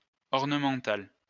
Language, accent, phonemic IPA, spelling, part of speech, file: French, France, /ɔʁ.nə.mɑ̃.tal/, ornemental, adjective, LL-Q150 (fra)-ornemental.wav
- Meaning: ornamental